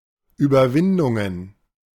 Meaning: plural of Überwindung
- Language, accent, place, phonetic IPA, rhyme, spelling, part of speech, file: German, Germany, Berlin, [yːbɐˈvɪndʊŋən], -ɪndʊŋən, Überwindungen, noun, De-Überwindungen.ogg